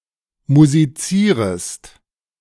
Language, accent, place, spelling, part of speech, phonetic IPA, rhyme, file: German, Germany, Berlin, musizierest, verb, [muziˈt͡siːʁəst], -iːʁəst, De-musizierest.ogg
- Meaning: second-person singular subjunctive I of musizieren